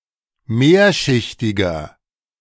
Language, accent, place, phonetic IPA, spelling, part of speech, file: German, Germany, Berlin, [ˈmeːɐ̯ʃɪçtɪɡɐ], mehrschichtiger, adjective, De-mehrschichtiger.ogg
- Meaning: inflection of mehrschichtig: 1. strong/mixed nominative masculine singular 2. strong genitive/dative feminine singular 3. strong genitive plural